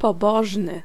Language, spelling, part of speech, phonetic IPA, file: Polish, pobożny, adjective, [pɔˈbɔʒnɨ], Pl-pobożny.ogg